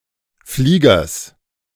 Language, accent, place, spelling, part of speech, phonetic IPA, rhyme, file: German, Germany, Berlin, Fliegers, noun, [ˈfliːɡɐs], -iːɡɐs, De-Fliegers.ogg
- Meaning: genitive singular of Flieger